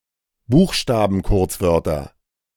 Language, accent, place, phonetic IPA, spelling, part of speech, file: German, Germany, Berlin, [ˈbuːxʃtaːbn̩ˌkʊʁt͡svœʁtɐ], Buchstabenkurzwörter, noun, De-Buchstabenkurzwörter.ogg
- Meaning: nominative/accusative/genitive plural of Buchstabenkurzwort